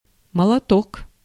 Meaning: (noun) 1. hammer, mallet, maul 2. good guy (used only in nominative, altered form of молодец); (interjection) nice one!, well done!
- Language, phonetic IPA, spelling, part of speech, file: Russian, [məɫɐˈtok], молоток, noun / interjection, Ru-молоток.ogg